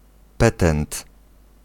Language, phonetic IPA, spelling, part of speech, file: Polish, [ˈpɛtɛ̃nt], petent, noun, Pl-petent.ogg